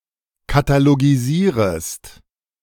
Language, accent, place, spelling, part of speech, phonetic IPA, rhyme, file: German, Germany, Berlin, katalogisierest, verb, [kataloɡiˈziːʁəst], -iːʁəst, De-katalogisierest.ogg
- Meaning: second-person singular subjunctive I of katalogisieren